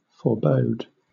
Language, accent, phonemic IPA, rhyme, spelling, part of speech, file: English, Southern England, /fɔːˈbəʊd/, -əʊd, forebode, verb / noun, LL-Q1860 (eng)-forebode.wav
- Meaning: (verb) To predict a future event; to hint at something that will happen (especially as a literary device)